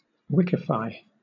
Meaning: 1. To adapt to the standards and facilities of an existing wiki, such as by marking up with wikitext 2. To make into a wiki, or to use a wiki approach for 3. To use or participate in a wiki
- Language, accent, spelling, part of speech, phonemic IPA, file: English, Southern England, wikify, verb, /ˈwɪkifaɪ/, LL-Q1860 (eng)-wikify.wav